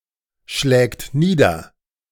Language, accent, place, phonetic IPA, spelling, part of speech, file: German, Germany, Berlin, [ˌʃlɛːkt ˈniːdɐ], schlägt nieder, verb, De-schlägt nieder.ogg
- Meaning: third-person singular present of niederschlagen